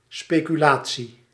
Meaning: 1. speculation, conjecture 2. financial speculation
- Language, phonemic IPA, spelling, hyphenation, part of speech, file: Dutch, /ˌspeː.kyˈlaː.(t)si/, speculatie, spe‧cu‧la‧tie, noun, Nl-speculatie.ogg